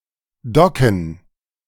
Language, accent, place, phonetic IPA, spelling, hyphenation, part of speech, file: German, Germany, Berlin, [ˈdɔkn̩], docken, do‧cken, verb, De-docken.ogg
- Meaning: to dock